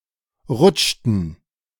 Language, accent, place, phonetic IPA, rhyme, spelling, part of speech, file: German, Germany, Berlin, [ˈʁʊt͡ʃtn̩], -ʊt͡ʃtn̩, rutschten, verb, De-rutschten.ogg
- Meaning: inflection of rutschen: 1. first/third-person plural preterite 2. first/third-person plural subjunctive II